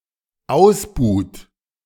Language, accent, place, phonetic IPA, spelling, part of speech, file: German, Germany, Berlin, [ˈaʊ̯sˌbuːt], ausbuht, verb, De-ausbuht.ogg
- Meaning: inflection of ausbuhen: 1. third-person singular dependent present 2. second-person plural dependent present